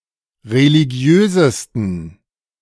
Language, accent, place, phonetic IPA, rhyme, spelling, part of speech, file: German, Germany, Berlin, [ʁeliˈɡi̯øːzəstn̩], -øːzəstn̩, religiösesten, adjective, De-religiösesten.ogg
- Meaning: 1. superlative degree of religiös 2. inflection of religiös: strong genitive masculine/neuter singular superlative degree